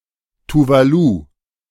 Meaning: Tuvalu (a country and archipelago of Polynesia in Oceania)
- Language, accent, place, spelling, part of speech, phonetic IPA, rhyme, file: German, Germany, Berlin, Tuvalu, proper noun, [tuˈvaːlu], -aːlu, De-Tuvalu.ogg